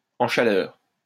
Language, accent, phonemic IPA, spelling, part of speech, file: French, France, /ɑ̃ ʃa.lœʁ/, en chaleur, adjective, LL-Q150 (fra)-en chaleur.wav
- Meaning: on heat, in estrus